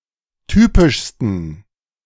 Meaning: 1. superlative degree of typisch 2. inflection of typisch: strong genitive masculine/neuter singular superlative degree
- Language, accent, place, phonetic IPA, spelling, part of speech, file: German, Germany, Berlin, [ˈtyːpɪʃstn̩], typischsten, adjective, De-typischsten.ogg